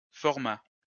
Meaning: format
- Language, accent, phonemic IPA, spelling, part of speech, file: French, France, /fɔʁ.ma/, format, noun, LL-Q150 (fra)-format.wav